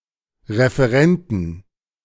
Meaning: plural of Referent
- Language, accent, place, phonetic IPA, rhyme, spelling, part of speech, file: German, Germany, Berlin, [ʁefəˈʁɛntn̩], -ɛntn̩, Referenten, noun, De-Referenten.ogg